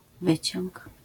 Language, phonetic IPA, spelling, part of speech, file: Polish, [ˈvɨt͡ɕɔ̃ŋk], wyciąg, noun, LL-Q809 (pol)-wyciąg.wav